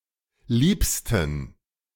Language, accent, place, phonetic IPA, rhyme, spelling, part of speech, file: German, Germany, Berlin, [ˈliːpstn̩], -iːpstn̩, liebsten, adjective, De-liebsten.ogg
- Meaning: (adjective) 1. superlative degree of lieb 2. inflection of lieb: strong genitive masculine/neuter singular superlative degree